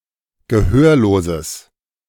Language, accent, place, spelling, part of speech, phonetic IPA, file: German, Germany, Berlin, gehörloses, adjective, [ɡəˈhøːɐ̯loːzəs], De-gehörloses.ogg
- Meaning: strong/mixed nominative/accusative neuter singular of gehörlos